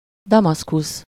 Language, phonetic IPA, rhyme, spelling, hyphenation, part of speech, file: Hungarian, [ˈdɒmɒskus], -us, Damaszkusz, Da‧masz‧kusz, proper noun, Hu-Damaszkusz.ogg